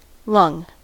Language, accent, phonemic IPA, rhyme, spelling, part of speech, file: English, US, /ˈlʌŋ/, -ʌŋ, lung, noun, En-us-lung.ogg
- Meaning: 1. A biological organ of vertebrates that controls breathing and oxygenates the blood 2. Capacity for exercise or exertion; breath